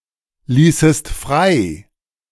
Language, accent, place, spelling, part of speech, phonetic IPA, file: German, Germany, Berlin, ließest frei, verb, [ˌliːsəst ˈfʁaɪ̯], De-ließest frei.ogg
- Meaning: second-person singular subjunctive II of freilassen